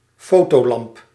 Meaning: photographer's lamp
- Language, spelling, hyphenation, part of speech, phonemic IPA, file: Dutch, fotolamp, fo‧to‧lamp, noun, /ˈfoːtoːˌlɑmp/, Nl-fotolamp.ogg